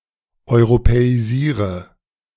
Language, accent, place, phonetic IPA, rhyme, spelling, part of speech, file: German, Germany, Berlin, [ɔɪ̯ʁopɛiˈziːʁə], -iːʁə, europäisiere, verb, De-europäisiere.ogg
- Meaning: inflection of europäisieren: 1. first-person singular present 2. first/third-person singular subjunctive I 3. singular imperative